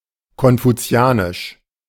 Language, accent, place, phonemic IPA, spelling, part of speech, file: German, Germany, Berlin, /kɔnfuˈ t͡si̯aːnɪʃ/, konfuzianisch, adjective, De-konfuzianisch.ogg
- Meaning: Confucian